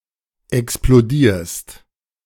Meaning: second-person singular present of explodieren
- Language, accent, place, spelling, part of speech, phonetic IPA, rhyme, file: German, Germany, Berlin, explodierst, verb, [ɛksploˈdiːɐ̯st], -iːɐ̯st, De-explodierst.ogg